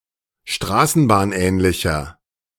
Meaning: inflection of straßenbahnähnlich: 1. strong/mixed nominative masculine singular 2. strong genitive/dative feminine singular 3. strong genitive plural
- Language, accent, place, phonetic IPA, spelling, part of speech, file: German, Germany, Berlin, [ˈʃtʁaːsn̩baːnˌʔɛːnlɪçɐ], straßenbahnähnlicher, adjective, De-straßenbahnähnlicher.ogg